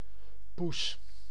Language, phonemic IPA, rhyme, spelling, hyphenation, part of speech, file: Dutch, /pus/, -us, poes, poes, noun, Nl-poes.ogg
- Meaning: 1. a female cat 2. a cat of either sex 3. a vagina, pussy 4. a woman or girl